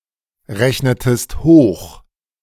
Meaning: inflection of hochrechnen: 1. second-person singular preterite 2. second-person singular subjunctive II
- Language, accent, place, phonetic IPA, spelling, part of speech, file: German, Germany, Berlin, [ˌʁɛçnətəst ˈhoːx], rechnetest hoch, verb, De-rechnetest hoch.ogg